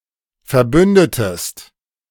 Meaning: inflection of verbünden: 1. second-person singular preterite 2. second-person singular subjunctive II
- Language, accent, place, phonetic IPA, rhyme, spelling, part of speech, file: German, Germany, Berlin, [fɛɐ̯ˈbʏndətəst], -ʏndətəst, verbündetest, verb, De-verbündetest.ogg